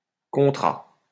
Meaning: third-person singular past historic of contrer
- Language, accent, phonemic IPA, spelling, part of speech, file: French, France, /kɔ̃.tʁa/, contra, verb, LL-Q150 (fra)-contra.wav